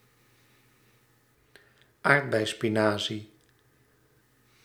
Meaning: goosefoot (plant of genus Blitum)
- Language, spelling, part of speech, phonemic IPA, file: Dutch, aardbeispinazie, noun, /ˈaːrt.bɛi̯.spiˌnaː.zi/, Nl-aardbeispinazie.ogg